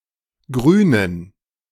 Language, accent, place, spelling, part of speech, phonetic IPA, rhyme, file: German, Germany, Berlin, Grünen, noun, [ˈɡʁyːnən], -yːnən, De-Grünen.ogg
- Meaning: inflection of Grüner: 1. strong genitive/accusative singular 2. strong dative plural 3. weak/mixed genitive/dative/accusative singular 4. weak/mixed all-case plural